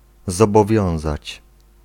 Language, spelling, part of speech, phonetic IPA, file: Polish, zobowiązać, verb, [ˌzɔbɔˈvʲjɔ̃w̃zat͡ɕ], Pl-zobowiązać.ogg